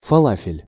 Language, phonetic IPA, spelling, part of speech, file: Russian, [fɐˈɫafʲɪlʲ], фалафель, noun, Ru-фалафель.ogg
- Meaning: falafel